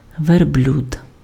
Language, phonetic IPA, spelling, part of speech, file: Ukrainian, [ʋerˈblʲud], верблюд, noun, Uk-верблюд.ogg
- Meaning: camel